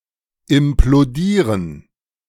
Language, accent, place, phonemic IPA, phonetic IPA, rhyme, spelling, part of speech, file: German, Germany, Berlin, /ɪmploˈdiːʁən/, [ʔɪmpʰloˈdiːɐ̯n], -iːʁən, implodieren, verb, De-implodieren.ogg
- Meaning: to implode